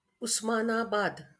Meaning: 1. Osmanabad, Usmanabad (a city in Marathwada, Maharashtra, India) 2. Osmanabad (a district of Maharashtra, India)
- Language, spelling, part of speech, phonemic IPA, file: Marathi, उस्मानाबाद, proper noun, /us.ma.na.bad̪/, LL-Q1571 (mar)-उस्मानाबाद.wav